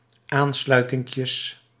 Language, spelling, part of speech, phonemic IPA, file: Dutch, aansluitinkjes, noun, /ˈanslœytɪŋkjəs/, Nl-aansluitinkjes.ogg
- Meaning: plural of aansluitinkje